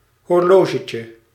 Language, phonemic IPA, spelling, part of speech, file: Dutch, /hɔrˈloʒəcə/, horlogetje, noun, Nl-horlogetje.ogg
- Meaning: diminutive of horloge